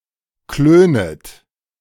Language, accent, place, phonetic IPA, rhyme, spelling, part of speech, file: German, Germany, Berlin, [ˈkløːnət], -øːnət, klönet, verb, De-klönet.ogg
- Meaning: second-person plural subjunctive I of klönen